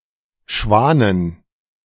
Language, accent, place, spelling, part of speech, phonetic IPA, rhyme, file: German, Germany, Berlin, Schwanen, noun, [ˈʃvaːnən], -aːnən, De-Schwanen.ogg
- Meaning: plural of Schwan